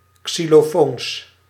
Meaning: plural of xylofoon
- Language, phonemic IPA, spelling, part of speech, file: Dutch, /ksiloˈfons/, xylofoons, noun, Nl-xylofoons.ogg